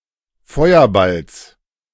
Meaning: genitive singular of Feuerball
- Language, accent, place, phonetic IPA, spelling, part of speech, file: German, Germany, Berlin, [ˈfɔɪ̯ɐˌbals], Feuerballs, noun, De-Feuerballs.ogg